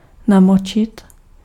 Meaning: 1. to make wet 2. to soak 3. to get involved
- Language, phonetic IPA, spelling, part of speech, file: Czech, [ˈnamot͡ʃɪt], namočit, verb, Cs-namočit.ogg